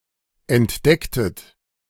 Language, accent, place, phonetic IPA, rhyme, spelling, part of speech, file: German, Germany, Berlin, [ɛntˈdɛktət], -ɛktət, entdecktet, verb, De-entdecktet.ogg
- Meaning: inflection of entdecken: 1. second-person plural preterite 2. second-person plural subjunctive II